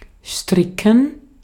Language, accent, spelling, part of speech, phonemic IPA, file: German, Austria, stricken, verb, /ˈʃtrɪkən/, De-at-stricken.ogg
- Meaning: 1. to knit 2. to make, devise, concoct (e.g. a story, a ruse) 3. to tie, knot